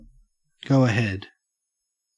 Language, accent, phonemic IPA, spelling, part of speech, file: English, Australia, /ˌɡəʉ əˈhɛd/, go ahead, verb, En-au-go ahead.ogg
- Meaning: 1. To proceed with; to begin 2. Used to grant permission for or to give endorsement of a suggestion or proposal 3. To send communication over the radio